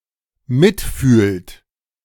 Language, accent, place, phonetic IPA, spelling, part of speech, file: German, Germany, Berlin, [ˈmɪtˌfyːlt], mitfühlt, verb, De-mitfühlt.ogg
- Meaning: inflection of mitfühlen: 1. third-person singular dependent present 2. second-person plural dependent present